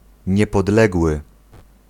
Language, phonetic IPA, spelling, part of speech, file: Polish, [ˌɲɛpɔdˈlɛɡwɨ], niepodległy, adjective, Pl-niepodległy.ogg